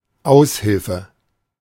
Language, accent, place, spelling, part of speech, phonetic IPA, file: German, Germany, Berlin, Aushilfe, noun, [ˈaʊ̯sˌhɪlfə], De-Aushilfe.ogg
- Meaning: 1. temporary help 2. auxiliary 3. temp 4. stand-in